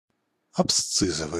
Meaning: abscission; abscisic
- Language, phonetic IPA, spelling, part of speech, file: Russian, [ɐpˈst͡sɨzəvɨj], абсцизовый, adjective, Ru-абсцизовый.ogg